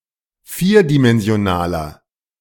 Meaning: inflection of vierdimensional: 1. strong genitive masculine/neuter singular 2. weak/mixed genitive/dative all-gender singular 3. strong/weak/mixed accusative masculine singular 4. strong dative plural
- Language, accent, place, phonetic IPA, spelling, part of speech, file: German, Germany, Berlin, [ˈfiːɐ̯dimɛnzi̯oˌnaːlən], vierdimensionalen, adjective, De-vierdimensionalen.ogg